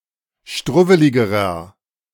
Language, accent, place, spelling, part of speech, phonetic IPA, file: German, Germany, Berlin, struwweligerer, adjective, [ˈʃtʁʊvəlɪɡəʁɐ], De-struwweligerer.ogg
- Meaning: inflection of struwwelig: 1. strong/mixed nominative masculine singular comparative degree 2. strong genitive/dative feminine singular comparative degree 3. strong genitive plural comparative degree